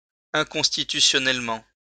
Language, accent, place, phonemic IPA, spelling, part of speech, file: French, France, Lyon, /ɛ̃.kɔ̃s.ti.ty.sjɔ.nɛl.mɑ̃/, inconstitutionnellement, adverb, LL-Q150 (fra)-inconstitutionnellement.wav
- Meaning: unconstitutionally